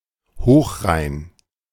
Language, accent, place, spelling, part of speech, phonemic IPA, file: German, Germany, Berlin, Hochrhein, proper noun, /ˈhoːxˌʁaɪ̯n/, De-Hochrhein.ogg
- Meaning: High Rhine